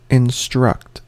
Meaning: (verb) 1. To teach by giving instructions 2. To tell (someone) what they must or should do
- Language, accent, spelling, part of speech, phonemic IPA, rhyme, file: English, US, instruct, verb / noun / adjective, /ɪnˈstɹʌkt/, -ʌkt, En-us-instruct.ogg